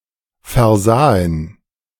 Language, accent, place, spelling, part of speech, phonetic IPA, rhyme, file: German, Germany, Berlin, versahen, verb, [fɛɐ̯ˈzaːən], -aːən, De-versahen.ogg
- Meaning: first/third-person plural preterite of versehen